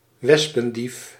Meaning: 1. pern, European honey buzzard (Pernis apivorus) 2. honey buzzard, any raptor of the genera Pernis and Henicopernis
- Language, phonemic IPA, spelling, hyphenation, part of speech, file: Dutch, /ˈʋɛs.pə(n)ˌdif/, wespendief, wes‧pen‧dief, noun, Nl-wespendief.ogg